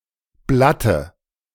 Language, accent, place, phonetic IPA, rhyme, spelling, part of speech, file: German, Germany, Berlin, [ˈblatə], -atə, Blatte, noun, De-Blatte.ogg
- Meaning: dative singular of Blatt